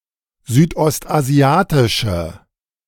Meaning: inflection of südostasiatisch: 1. strong/mixed nominative/accusative feminine singular 2. strong nominative/accusative plural 3. weak nominative all-gender singular
- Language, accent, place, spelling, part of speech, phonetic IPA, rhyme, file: German, Germany, Berlin, südostasiatische, adjective, [zyːtʔɔstʔaˈzi̯aːtɪʃə], -aːtɪʃə, De-südostasiatische.ogg